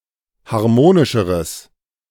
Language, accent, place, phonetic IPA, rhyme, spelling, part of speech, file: German, Germany, Berlin, [haʁˈmoːnɪʃəʁəs], -oːnɪʃəʁəs, harmonischeres, adjective, De-harmonischeres.ogg
- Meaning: strong/mixed nominative/accusative neuter singular comparative degree of harmonisch